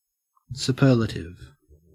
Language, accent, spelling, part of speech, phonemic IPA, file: English, Australia, superlative, adjective / noun, /sʉːˈpɜːlətɪv/, En-au-superlative.ogg
- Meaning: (adjective) 1. Having the power to carry something or someone above, over or beyond others 2. Exceptionally good; of the highest quality